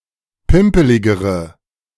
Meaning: inflection of pimpelig: 1. strong/mixed nominative/accusative feminine singular comparative degree 2. strong nominative/accusative plural comparative degree
- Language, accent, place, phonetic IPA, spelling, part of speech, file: German, Germany, Berlin, [ˈpɪmpəlɪɡəʁə], pimpeligere, adjective, De-pimpeligere.ogg